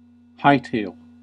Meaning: To move at full speed, especially in retreat
- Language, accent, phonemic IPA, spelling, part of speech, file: English, US, /ˈhaɪ.teɪl/, hightail, verb, En-us-hightail.ogg